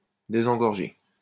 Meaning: to unclog, to unclutter
- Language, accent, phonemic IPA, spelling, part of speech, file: French, France, /de.zɑ̃.ɡɔʁ.ʒe/, désengorger, verb, LL-Q150 (fra)-désengorger.wav